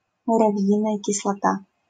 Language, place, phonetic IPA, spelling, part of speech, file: Russian, Saint Petersburg, [mʊrɐˈv⁽ʲ⁾jinəjə kʲɪsɫɐˈta], муравьиная кислота, noun, LL-Q7737 (rus)-муравьиная кислота.wav
- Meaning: formic acid, methanoic acid